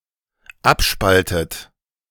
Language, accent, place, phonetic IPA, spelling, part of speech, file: German, Germany, Berlin, [ˈapˌʃpaltət], abspaltet, verb, De-abspaltet.ogg
- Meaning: inflection of abspalten: 1. third-person singular dependent present 2. second-person plural dependent present 3. second-person plural dependent subjunctive I